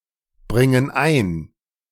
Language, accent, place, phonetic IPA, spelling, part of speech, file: German, Germany, Berlin, [ˌbʁɪŋən ˈaɪ̯n], bringen ein, verb, De-bringen ein.ogg
- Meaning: inflection of einbringen: 1. first/third-person plural present 2. first/third-person plural subjunctive I